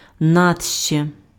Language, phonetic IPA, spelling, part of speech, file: Ukrainian, [ˈnatʃt͡ʃe], натще, adverb, Uk-натще.ogg
- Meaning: on an empty stomach